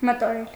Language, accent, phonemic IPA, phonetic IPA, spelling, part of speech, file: Armenian, Eastern Armenian, /mətoˈɾel/, [mətoɾél], մտորել, verb, Hy-մտորել.ogg
- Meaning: to think about, to ponder, to consider